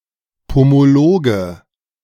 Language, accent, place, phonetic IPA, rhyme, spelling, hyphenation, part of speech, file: German, Germany, Berlin, [pomoˈloːɡə], -oːɡə, Pomologe, Po‧mo‧lo‧ge, noun, De-Pomologe.ogg
- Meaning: pomologist (male or of unspecified gender)